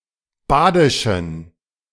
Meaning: inflection of badisch: 1. strong genitive masculine/neuter singular 2. weak/mixed genitive/dative all-gender singular 3. strong/weak/mixed accusative masculine singular 4. strong dative plural
- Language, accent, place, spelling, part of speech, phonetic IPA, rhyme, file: German, Germany, Berlin, badischen, adjective, [ˈbaːdɪʃn̩], -aːdɪʃn̩, De-badischen.ogg